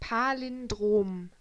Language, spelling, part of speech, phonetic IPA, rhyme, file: German, Palindrom, noun, [ˌpalɪnˈdʁoːm], -oːm, De-Palindrom.ogg
- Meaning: palindrome